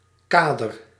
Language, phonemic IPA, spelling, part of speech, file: Dutch, /ˈkadər/, kader, noun / verb, Nl-kader.ogg
- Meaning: 1. frame 2. cadre, framework 3. cadre, member of the core group of a political organization 4. the cadres of a political organization, collectively